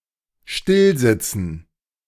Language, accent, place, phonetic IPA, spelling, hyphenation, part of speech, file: German, Germany, Berlin, [ˈʃtɪlˌzɪt͡sn̩], stillsitzen, still‧sit‧zen, verb, De-stillsitzen.ogg
- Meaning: to sit still